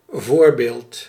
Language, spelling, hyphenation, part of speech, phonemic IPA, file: Dutch, voorbeeld, voor‧beeld, noun, /ˈvoːrbeːlt/, Nl-voorbeeld.ogg
- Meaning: 1. example 2. role model 3. preview